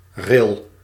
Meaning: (noun) 1. rille 2. groove in soil, furrow 3. brook, streamlet, rill 4. ridge or eminence between two depressions or grooves; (verb) inflection of rillen: first-person singular present indicative
- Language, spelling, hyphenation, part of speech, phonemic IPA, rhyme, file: Dutch, ril, ril, noun / verb, /rɪl/, -ɪl, Nl-ril.ogg